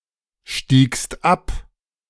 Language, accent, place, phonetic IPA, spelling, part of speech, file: German, Germany, Berlin, [ˌʃtiːkst ˈap], stiegst ab, verb, De-stiegst ab.ogg
- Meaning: second-person singular preterite of absteigen